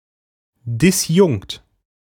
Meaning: disjoint (having no members in common)
- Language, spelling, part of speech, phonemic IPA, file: German, disjunkt, adjective, /dɪsˈjʊŋkt/, De-disjunkt.ogg